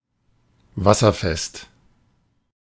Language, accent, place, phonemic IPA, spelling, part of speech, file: German, Germany, Berlin, /ˈvasɐˌfɛst/, wasserfest, adjective, De-wasserfest.ogg
- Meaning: waterproof, water-resistant